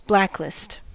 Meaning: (noun) A list or set of people or entities to be shunned or banned, disallowed or blocked; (verb) To place on a blacklist; to mark a person or entity as one to be shunned or banned
- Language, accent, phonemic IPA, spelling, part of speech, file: English, US, /ˈblæklɪst/, blacklist, noun / verb, En-us-blacklist.ogg